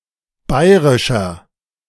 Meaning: inflection of bayrisch: 1. strong/mixed nominative masculine singular 2. strong genitive/dative feminine singular 3. strong genitive plural
- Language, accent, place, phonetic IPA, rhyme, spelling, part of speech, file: German, Germany, Berlin, [ˈbaɪ̯ʁɪʃɐ], -aɪ̯ʁɪʃɐ, bayrischer, adjective, De-bayrischer.ogg